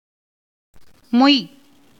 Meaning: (verb) 1. to crowd, press, throng, swarm, as insects 2. to spread 3. to abide in 4. to crowd around, swarm around 5. to annoy, tease 6. to cover, enclose; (noun) throng, swarm
- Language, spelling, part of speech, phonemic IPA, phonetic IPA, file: Tamil, மொய், verb / noun, /moj/, [mo̞j], Ta-மொய்.ogg